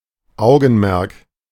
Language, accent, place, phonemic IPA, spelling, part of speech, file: German, Germany, Berlin, /ˈaʊ̯ɡənˌmɛʁk/, Augenmerk, noun, De-Augenmerk.ogg
- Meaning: 1. attention 2. something at which one directs one’s (special) attention; concern; interest